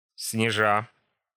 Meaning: present adverbial imperfective participle of снежи́ть (snežítʹ)
- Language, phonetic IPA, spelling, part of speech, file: Russian, [snʲɪˈʐa], снежа, verb, Ru-снежа́.ogg